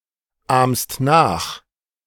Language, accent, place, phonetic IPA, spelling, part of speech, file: German, Germany, Berlin, [ˌaːmst ˈnaːx], ahmst nach, verb, De-ahmst nach.ogg
- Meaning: second-person singular present of nachahmen